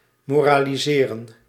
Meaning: to moralize
- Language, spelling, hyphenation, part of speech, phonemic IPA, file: Dutch, moraliseren, mo‧ra‧li‧se‧ren, verb, /ˌmoː.raː.liˈzeː.rə(n)/, Nl-moraliseren.ogg